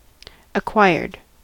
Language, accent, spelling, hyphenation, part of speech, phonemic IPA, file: English, US, acquired, ac‧quired, verb / adjective, /əˈkwaɪɹd/, En-us-acquired.ogg
- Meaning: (verb) simple past and past participle of acquire; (adjective) Developed after birth; not congenital